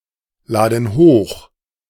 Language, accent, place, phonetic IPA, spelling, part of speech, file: German, Germany, Berlin, [ˌlaːdn̩ ˈhoːx], laden hoch, verb, De-laden hoch.ogg
- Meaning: inflection of hochladen: 1. first/third-person plural present 2. first/third-person plural subjunctive I